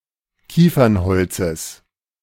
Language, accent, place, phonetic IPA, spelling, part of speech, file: German, Germany, Berlin, [ˈkiːfɐnˌhɔlt͡səs], Kiefernholzes, noun, De-Kiefernholzes.ogg
- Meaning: genitive singular of Kiefernholz